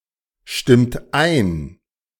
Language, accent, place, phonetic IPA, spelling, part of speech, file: German, Germany, Berlin, [ˌʃtɪmt ˈaɪ̯n], stimmt ein, verb, De-stimmt ein.ogg
- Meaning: inflection of einstimmen: 1. second-person plural present 2. third-person singular present 3. plural imperative